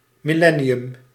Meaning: millennium
- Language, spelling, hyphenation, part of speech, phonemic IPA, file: Dutch, millennium, mil‧len‧ni‧um, noun, /ˌmiˈlɛ.ni.ʏm/, Nl-millennium.ogg